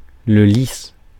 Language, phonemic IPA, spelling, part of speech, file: French, /lis/, lys, noun, Fr-lys.ogg
- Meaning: alternative spelling of lis (“lily”)